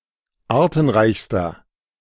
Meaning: inflection of artenreich: 1. strong/mixed nominative masculine singular superlative degree 2. strong genitive/dative feminine singular superlative degree 3. strong genitive plural superlative degree
- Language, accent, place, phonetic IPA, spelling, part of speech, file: German, Germany, Berlin, [ˈaːɐ̯tn̩ˌʁaɪ̯çstɐ], artenreichster, adjective, De-artenreichster.ogg